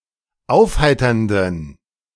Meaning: inflection of aufheiternd: 1. strong genitive masculine/neuter singular 2. weak/mixed genitive/dative all-gender singular 3. strong/weak/mixed accusative masculine singular 4. strong dative plural
- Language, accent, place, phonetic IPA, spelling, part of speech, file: German, Germany, Berlin, [ˈaʊ̯fˌhaɪ̯tɐndn̩], aufheiternden, adjective, De-aufheiternden.ogg